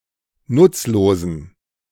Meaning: inflection of nutzlos: 1. strong genitive masculine/neuter singular 2. weak/mixed genitive/dative all-gender singular 3. strong/weak/mixed accusative masculine singular 4. strong dative plural
- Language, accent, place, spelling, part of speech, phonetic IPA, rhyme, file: German, Germany, Berlin, nutzlosen, adjective, [ˈnʊt͡sloːzn̩], -ʊt͡sloːzn̩, De-nutzlosen.ogg